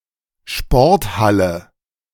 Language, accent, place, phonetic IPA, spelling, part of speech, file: German, Germany, Berlin, [ˈʃpɔʁtˌhalə], Sporthalle, noun, De-Sporthalle.ogg
- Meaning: gym; sports hall (large room used for indoor sports)